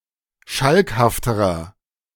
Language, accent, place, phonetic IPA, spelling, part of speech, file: German, Germany, Berlin, [ˈʃalkhaftəʁɐ], schalkhafterer, adjective, De-schalkhafterer.ogg
- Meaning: inflection of schalkhaft: 1. strong/mixed nominative masculine singular comparative degree 2. strong genitive/dative feminine singular comparative degree 3. strong genitive plural comparative degree